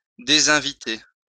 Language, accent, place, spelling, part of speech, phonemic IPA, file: French, France, Lyon, désinviter, verb, /de.zɛ̃.vi.te/, LL-Q150 (fra)-désinviter.wav
- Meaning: to recall an invitation